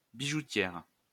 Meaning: female equivalent of bijoutier
- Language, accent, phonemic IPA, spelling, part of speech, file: French, France, /bi.ʒu.tjɛʁ/, bijoutière, noun, LL-Q150 (fra)-bijoutière.wav